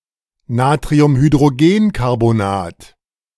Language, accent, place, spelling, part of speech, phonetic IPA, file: German, Germany, Berlin, Natriumhydrogenkarbonat, noun, [naːtʁiʊmhydʁoˈɡeːnkaʁbonaːt], De-Natriumhydrogenkarbonat.ogg
- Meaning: alternative form of Natriumhydrogencarbonat